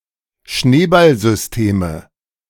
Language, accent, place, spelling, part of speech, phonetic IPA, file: German, Germany, Berlin, Schneeballsysteme, noun, [ˈʃneːbalzʏsˌteːmə], De-Schneeballsysteme.ogg
- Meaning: nominative/accusative/genitive plural of Schneeballsystem